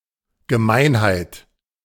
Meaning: 1. meanness, nastiness, baseness 2. dirty trick, raw deal
- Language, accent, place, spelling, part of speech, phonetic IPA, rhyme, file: German, Germany, Berlin, Gemeinheit, noun, [ɡəˈmaɪ̯nhaɪ̯t], -aɪ̯nhaɪ̯t, De-Gemeinheit.ogg